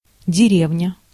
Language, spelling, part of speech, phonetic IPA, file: Russian, деревня, noun, [dʲɪˈrʲevnʲə], Ru-деревня.ogg
- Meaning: 1. village, hamlet 2. the countryside, the rural population 3. yokel, bumpkin 4. a tree 5. a place which is not a wild field 6. a rural community 7. a bunch of fallen trees